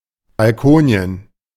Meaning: One’s own balcony, referred to as if it were a vacation destination; the place where one spends one’s staycation
- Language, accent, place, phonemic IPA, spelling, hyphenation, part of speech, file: German, Germany, Berlin, /balˈkoːni̯en/, Balkonien, Bal‧ko‧ni‧en, proper noun, De-Balkonien.ogg